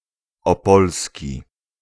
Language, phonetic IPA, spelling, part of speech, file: Polish, [ɔˈpɔlsʲci], opolski, adjective, Pl-opolski.ogg